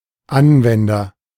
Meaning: 1. agent noun of anwenden 2. user (person who uses an application, who applies something)
- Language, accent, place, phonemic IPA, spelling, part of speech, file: German, Germany, Berlin, /ˈʔanvɛndɐ/, Anwender, noun, De-Anwender.ogg